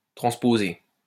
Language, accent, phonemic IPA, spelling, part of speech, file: French, France, /tʁɑ̃s.po.ze/, transposer, verb, LL-Q150 (fra)-transposer.wav
- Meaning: to transpose (reverse or change the order of two)